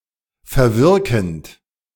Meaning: present participle of verwirken
- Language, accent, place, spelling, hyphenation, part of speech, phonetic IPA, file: German, Germany, Berlin, verwirkend, ver‧wir‧kend, verb, [fɛɐ̯ˈvɪʁkn̩t], De-verwirkend.ogg